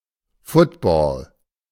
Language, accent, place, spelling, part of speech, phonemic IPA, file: German, Germany, Berlin, Football, noun, /ˈfʊtbɔ(ː)l/, De-Football.ogg
- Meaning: 1. the kind of ball used in American football 2. the game of American football